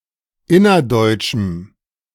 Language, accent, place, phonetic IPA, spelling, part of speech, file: German, Germany, Berlin, [ˈɪnɐˌdɔɪ̯t͡ʃm̩], innerdeutschem, adjective, De-innerdeutschem.ogg
- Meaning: strong dative masculine/neuter singular of innerdeutsch